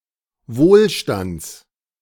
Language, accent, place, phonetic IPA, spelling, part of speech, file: German, Germany, Berlin, [ˈvoːlˌʃtant͡s], Wohlstands, noun, De-Wohlstands.ogg
- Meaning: genitive singular of Wohlstand